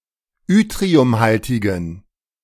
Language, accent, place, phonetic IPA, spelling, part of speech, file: German, Germany, Berlin, [ˈʏtʁiʊmˌhaltɪɡn̩], yttriumhaltigen, adjective, De-yttriumhaltigen.ogg
- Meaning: inflection of yttriumhaltig: 1. strong genitive masculine/neuter singular 2. weak/mixed genitive/dative all-gender singular 3. strong/weak/mixed accusative masculine singular 4. strong dative plural